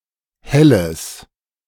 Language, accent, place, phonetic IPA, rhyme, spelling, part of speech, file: German, Germany, Berlin, [ˈhɛləs], -ɛləs, helles, adjective, De-helles.ogg
- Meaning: strong/mixed nominative/accusative neuter singular of helle